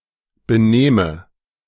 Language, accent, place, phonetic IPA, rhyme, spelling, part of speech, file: German, Germany, Berlin, [bəˈneːmə], -eːmə, benehme, verb, De-benehme.ogg
- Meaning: inflection of benehmen: 1. first-person singular present 2. first/third-person singular subjunctive I